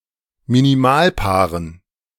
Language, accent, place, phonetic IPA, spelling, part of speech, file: German, Germany, Berlin, [miniˈmaːlˌpaːʁən], Minimalpaaren, noun, De-Minimalpaaren.ogg
- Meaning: dative plural of Minimalpaar